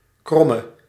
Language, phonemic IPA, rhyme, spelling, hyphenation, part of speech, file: Dutch, /ˈkrɔ.mə/, -ɔmə, kromme, krom‧me, noun / adjective / verb, Nl-kromme.ogg
- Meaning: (noun) a curve; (adjective) inflection of krom: 1. masculine/feminine singular attributive 2. definite neuter singular attributive 3. plural attributive; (verb) singular present subjunctive of krommen